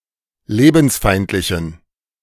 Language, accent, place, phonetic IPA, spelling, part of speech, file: German, Germany, Berlin, [ˈleːbn̩sˌfaɪ̯ntlɪçn̩], lebensfeindlichen, adjective, De-lebensfeindlichen.ogg
- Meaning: inflection of lebensfeindlich: 1. strong genitive masculine/neuter singular 2. weak/mixed genitive/dative all-gender singular 3. strong/weak/mixed accusative masculine singular 4. strong dative plural